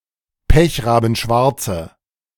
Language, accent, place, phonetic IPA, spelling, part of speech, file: German, Germany, Berlin, [ˈpɛçʁaːbn̩ˌʃvaʁt͡sə], pechrabenschwarze, adjective, De-pechrabenschwarze.ogg
- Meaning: inflection of pechrabenschwarz: 1. strong/mixed nominative/accusative feminine singular 2. strong nominative/accusative plural 3. weak nominative all-gender singular